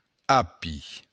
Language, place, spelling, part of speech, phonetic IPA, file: Occitan, Béarn, api, noun, [ˈapi], LL-Q14185 (oci)-api.wav
- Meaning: celery